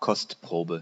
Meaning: sample
- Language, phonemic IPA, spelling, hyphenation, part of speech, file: German, /ˈkɔstˌpʁoːbə/, Kostprobe, Kost‧pro‧be, noun, De-Kostprobe.ogg